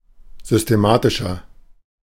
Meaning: 1. comparative degree of systematisch 2. inflection of systematisch: strong/mixed nominative masculine singular 3. inflection of systematisch: strong genitive/dative feminine singular
- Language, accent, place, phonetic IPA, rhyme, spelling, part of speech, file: German, Germany, Berlin, [zʏsteˈmaːtɪʃɐ], -aːtɪʃɐ, systematischer, adjective, De-systematischer.ogg